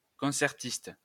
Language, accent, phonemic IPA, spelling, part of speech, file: French, France, /kɔ̃.sɛʁ.tist/, concertiste, noun, LL-Q150 (fra)-concertiste.wav
- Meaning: concert performer (especially a soloist)